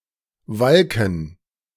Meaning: gerund of walken
- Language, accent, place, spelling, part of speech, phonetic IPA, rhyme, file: German, Germany, Berlin, Walken, noun, [ˈvalkn̩], -alkn̩, De-Walken.ogg